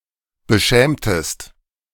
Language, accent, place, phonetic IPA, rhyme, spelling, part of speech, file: German, Germany, Berlin, [bəˈʃɛːmtəst], -ɛːmtəst, beschämtest, verb, De-beschämtest.ogg
- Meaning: inflection of beschämen: 1. second-person singular preterite 2. second-person singular subjunctive II